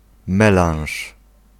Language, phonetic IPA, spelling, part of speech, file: Polish, [ˈmɛlãw̃ʃ], melanż, noun, Pl-melanż.ogg